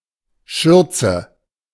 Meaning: apron
- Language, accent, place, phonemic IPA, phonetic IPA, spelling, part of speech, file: German, Germany, Berlin, /ˈʃʏʁtsə/, [ˈʃʏɐ̯tsə], Schürze, noun, De-Schürze.ogg